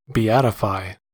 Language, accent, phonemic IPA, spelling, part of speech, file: English, US, /biˈætɪfaɪ/, beatify, verb, En-us-beatify.ogg
- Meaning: 1. To make blissful 2. To pronounce or regard as happy, or supremely blessed, or as conferring happiness 3. To carry out the third of four steps in canonization, making someone a blessed